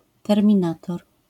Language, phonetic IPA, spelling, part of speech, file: Polish, [ˌtɛrmʲĩˈnatɔr], terminator, noun, LL-Q809 (pol)-terminator.wav